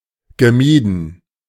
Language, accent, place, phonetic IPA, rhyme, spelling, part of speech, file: German, Germany, Berlin, [ɡəˈmiːdn̩], -iːdn̩, gemieden, verb, De-gemieden.ogg
- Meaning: past participle of meiden